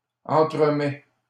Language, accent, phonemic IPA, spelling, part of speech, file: French, Canada, /ɑ̃.tʁə.mɛ/, entremets, noun / verb, LL-Q150 (fra)-entremets.wav
- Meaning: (noun) entremets; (verb) first/second-person singular present indicative of entremettre